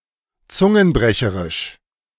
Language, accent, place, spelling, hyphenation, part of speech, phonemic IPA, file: German, Germany, Berlin, zungenbrecherisch, zun‧gen‧bre‧che‧risch, adjective, /ˈt͡sʊŋənˌbʁɛçəʁɪʃ/, De-zungenbrecherisch.ogg
- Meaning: difficult to pronounce